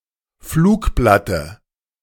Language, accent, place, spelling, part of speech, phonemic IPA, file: German, Germany, Berlin, Flugblatte, noun, /ˈfluːkˌblatə/, De-Flugblatte.ogg
- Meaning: dative singular of Flugblatt